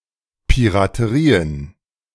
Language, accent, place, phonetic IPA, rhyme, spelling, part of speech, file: German, Germany, Berlin, [piʁatəˈʁiːən], -iːən, Piraterien, noun, De-Piraterien.ogg
- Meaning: plural of Piraterie